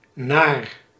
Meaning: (preposition) 1. to, towards in time, space, consequence, purpose etc 2. according to, in accordance with; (adjective) 1. nasty, scary 2. unpleasant, sickening
- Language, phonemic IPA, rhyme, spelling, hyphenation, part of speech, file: Dutch, /naːr/, -aːr, naar, naar, preposition / adjective, Nl-naar.ogg